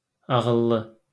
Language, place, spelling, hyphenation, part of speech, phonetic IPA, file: Azerbaijani, Baku, ağıllı, a‧ğıl‧lı, adjective, [ɑɣɯˈɫːɯ], LL-Q9292 (aze)-ağıllı.wav
- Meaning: 1. clever, smart, reasonable, sane 2. good, obedient, amenable, agreeable (willing to comply with)